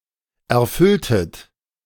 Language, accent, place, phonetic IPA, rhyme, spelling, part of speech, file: German, Germany, Berlin, [ɛɐ̯ˈfʏltət], -ʏltət, erfülltet, verb, De-erfülltet.ogg
- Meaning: inflection of erfüllen: 1. second-person plural preterite 2. second-person plural subjunctive II